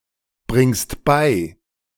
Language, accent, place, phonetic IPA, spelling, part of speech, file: German, Germany, Berlin, [ˌbʁɪŋst ˈbaɪ̯], bringst bei, verb, De-bringst bei.ogg
- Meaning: second-person singular present of beibringen